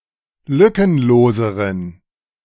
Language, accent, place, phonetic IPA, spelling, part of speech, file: German, Germany, Berlin, [ˈlʏkənˌloːzəʁən], lückenloseren, adjective, De-lückenloseren.ogg
- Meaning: inflection of lückenlos: 1. strong genitive masculine/neuter singular comparative degree 2. weak/mixed genitive/dative all-gender singular comparative degree